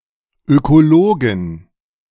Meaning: plural of Ökologe
- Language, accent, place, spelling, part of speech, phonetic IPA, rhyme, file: German, Germany, Berlin, Ökologen, noun, [ˌøkoˈloːɡn̩], -oːɡn̩, De-Ökologen.ogg